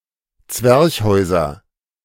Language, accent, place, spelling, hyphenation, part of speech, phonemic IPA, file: German, Germany, Berlin, Zwerchhäuser, Zwerch‧häu‧ser, noun, /ˈt͡svɛʁçhɔɪ̯zɐ/, De-Zwerchhäuser.ogg
- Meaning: nominative/accusative/genitive plural of Zwerchhaus